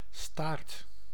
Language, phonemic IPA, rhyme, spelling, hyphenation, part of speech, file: Dutch, /staːrt/, -aːrt, staart, staart, noun / verb, Nl-staart.ogg
- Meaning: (noun) 1. a tail on an animal 2. an object dangling like an animal's tail 3. a tailpiece, part at the end of something 4. the last part or section of a sequence, the end 5. a pigtail, string of hair